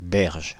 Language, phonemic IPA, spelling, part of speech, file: French, /bɛʁʒ/, berge, noun, Fr-berge.ogg
- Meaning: 1. bank (of river, canal) 2. raised pavement, banked edge 3. year